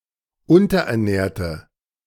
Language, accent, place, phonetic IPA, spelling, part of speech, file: German, Germany, Berlin, [ˈʊntɐʔɛɐ̯ˌnɛːɐ̯tə], unterernährte, adjective, De-unterernährte.ogg
- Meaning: inflection of unterernährt: 1. strong/mixed nominative/accusative feminine singular 2. strong nominative/accusative plural 3. weak nominative all-gender singular